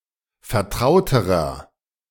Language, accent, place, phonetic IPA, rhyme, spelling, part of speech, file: German, Germany, Berlin, [fɛɐ̯ˈtʁaʊ̯təʁɐ], -aʊ̯təʁɐ, vertrauterer, adjective, De-vertrauterer.ogg
- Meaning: inflection of vertraut: 1. strong/mixed nominative masculine singular comparative degree 2. strong genitive/dative feminine singular comparative degree 3. strong genitive plural comparative degree